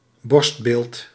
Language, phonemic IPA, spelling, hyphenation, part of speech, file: Dutch, /ˈbɔrst.beːlt/, borstbeeld, borst‧beeld, noun, Nl-borstbeeld.ogg
- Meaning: bust (a sculptural portrayal of a person's head and shoulders)